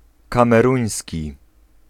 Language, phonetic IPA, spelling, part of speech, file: Polish, [ˌkãmɛˈrũj̃sʲci], kameruński, adjective, Pl-kameruński.ogg